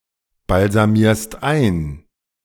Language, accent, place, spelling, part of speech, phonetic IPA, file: German, Germany, Berlin, balsamierst ein, verb, [balzaˌmiːɐ̯st ˈaɪ̯n], De-balsamierst ein.ogg
- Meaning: second-person singular present of einbalsamieren